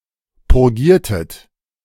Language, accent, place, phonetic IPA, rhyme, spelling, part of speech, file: German, Germany, Berlin, [pʊʁˈɡiːɐ̯tət], -iːɐ̯tət, purgiertet, verb, De-purgiertet.ogg
- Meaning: inflection of purgieren: 1. second-person plural preterite 2. second-person plural subjunctive II